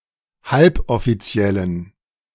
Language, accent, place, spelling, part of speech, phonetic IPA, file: German, Germany, Berlin, halboffiziellen, adjective, [ˈhalpʔɔfiˌt͡si̯ɛlən], De-halboffiziellen.ogg
- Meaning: inflection of halboffiziell: 1. strong genitive masculine/neuter singular 2. weak/mixed genitive/dative all-gender singular 3. strong/weak/mixed accusative masculine singular 4. strong dative plural